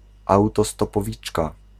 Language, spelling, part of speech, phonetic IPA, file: Polish, autostopowiczka, noun, [ˌawtɔstɔpɔˈvʲit͡ʃka], Pl-autostopowiczka.ogg